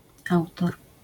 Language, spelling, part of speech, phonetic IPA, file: Polish, autor, noun, [ˈawtɔr], LL-Q809 (pol)-autor.wav